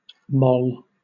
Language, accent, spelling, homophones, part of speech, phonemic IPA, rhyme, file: English, Southern England, moll, mall, noun / adjective, /mɒl/, -ɒl, LL-Q1860 (eng)-moll.wav
- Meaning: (noun) 1. A female companion of a gangster or other criminal, especially a former or current prostitute 2. A prostitute or woman with loose sexual morals